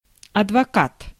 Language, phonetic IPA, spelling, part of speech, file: Russian, [ɐdvɐˈkat], адвокат, noun, Ru-адвокат.ogg
- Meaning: lawyer, attorney, barrister, solicitor, advocate